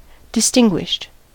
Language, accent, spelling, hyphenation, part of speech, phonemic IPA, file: English, US, distinguished, dis‧tin‧guished, adjective / verb, /dɪˈstɪŋ.ɡwɪʃt/, En-us-distinguished.ogg
- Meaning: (adjective) 1. Celebrated, well-known or eminent because of achievements or rank; prestigious 2. Having a dignified appearance or demeanor 3. Specified, noted